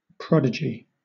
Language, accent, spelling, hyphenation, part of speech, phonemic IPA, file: English, Southern England, prodigy, prod‧i‧gy, noun, /ˈpɹɒdɪd͡ʒi/, LL-Q1860 (eng)-prodigy.wav
- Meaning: 1. An extraordinary occurrence or creature; an anomaly, especially a monster; a freak 2. An amazing or marvellous thing; a wonder 3. A wonderful example of something